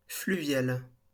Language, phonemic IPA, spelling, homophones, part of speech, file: French, /fly.vjal/, fluvial, fluviale / fluviales, adjective, LL-Q150 (fra)-fluvial.wav
- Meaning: fluvial